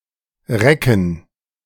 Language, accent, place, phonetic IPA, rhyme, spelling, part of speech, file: German, Germany, Berlin, [ˈʁɛkn̩], -ɛkn̩, Recken, noun, De-Recken.ogg
- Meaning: plural of Recke